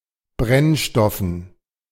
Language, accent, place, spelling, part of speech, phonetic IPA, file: German, Germany, Berlin, Brennstoffen, noun, [ˈbʁɛnˌʃtɔfn̩], De-Brennstoffen.ogg
- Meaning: dative plural of Brennstoff